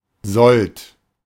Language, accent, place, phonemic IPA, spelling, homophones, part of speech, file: German, Germany, Berlin, /zɔlt/, Sold, sollt, noun, De-Sold.ogg
- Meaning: 1. any pay or salary of a soldier 2. the daily basic pay of a soldier who serves less than two years, including (until 2011) conscripts as well as those rendering the substitute service (Zivildienst)